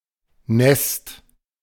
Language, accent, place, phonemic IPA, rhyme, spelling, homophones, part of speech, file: German, Germany, Berlin, /nɛst/, -ɛst, Nest, nässt, noun, De-Nest.ogg
- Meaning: 1. nest 2. small village